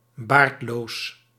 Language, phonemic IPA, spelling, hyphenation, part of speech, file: Dutch, /ˈbaːrt.loːs/, baardloos, baard‧loos, adjective, Nl-baardloos.ogg
- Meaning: beardless (not having a beard)